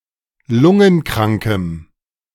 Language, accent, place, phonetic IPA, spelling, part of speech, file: German, Germany, Berlin, [ˈlʊŋənˌkʁaŋkəm], lungenkrankem, adjective, De-lungenkrankem.ogg
- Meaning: strong dative masculine/neuter singular of lungenkrank